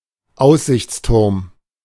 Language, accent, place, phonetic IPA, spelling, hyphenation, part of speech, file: German, Germany, Berlin, [ˈaʊ̯szɪçt͡sˌtʊʁm], Aussichtsturm, Aus‧sichts‧turm, noun, De-Aussichtsturm.ogg
- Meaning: watchtower